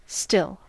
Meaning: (adjective) 1. Not moving; calm 2. Not effervescing; not sparkling 3. Uttering no sound; silent 4. Having the same stated quality continuously from a past time
- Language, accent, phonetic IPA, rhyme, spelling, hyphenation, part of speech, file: English, US, [ˈstɪl], -ɪl, still, still, adjective / adverb / noun / verb, En-us-still.ogg